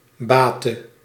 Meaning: inflection of baten: 1. singular past indicative 2. singular past subjunctive
- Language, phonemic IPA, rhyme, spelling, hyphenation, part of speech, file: Dutch, /ˈbaːtə/, -aːtə, baatte, baat‧te, verb, Nl-baatte.ogg